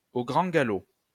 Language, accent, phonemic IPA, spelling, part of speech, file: French, France, /o ɡʁɑ̃ ɡa.lo/, au grand galop, adverb, LL-Q150 (fra)-au grand galop.wav
- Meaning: 1. at full gallop 2. at full tilt, at full pelt, at top speed